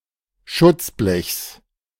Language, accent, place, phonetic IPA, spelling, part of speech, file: German, Germany, Berlin, [ˈʃʊt͡sˌblɛçs], Schutzblechs, noun, De-Schutzblechs.ogg
- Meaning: genitive singular of Schutzblech